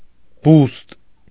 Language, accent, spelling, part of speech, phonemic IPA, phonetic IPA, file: Armenian, Eastern Armenian, բուստ, noun, /bust/, [bust], Hy-բուստ.ogg
- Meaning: coral